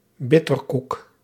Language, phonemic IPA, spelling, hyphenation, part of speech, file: Dutch, /ˈbɪ.tərˌkuk/, bitterkoek, bit‧ter‧koek, noun, Nl-bitterkoek.ogg
- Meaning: a small macaroon made of bitter almonds (or a substitute)